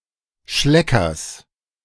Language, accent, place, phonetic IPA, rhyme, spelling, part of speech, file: German, Germany, Berlin, [ˈʃlɛkɐs], -ɛkɐs, Schleckers, noun, De-Schleckers.ogg
- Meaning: genitive singular of Schlecker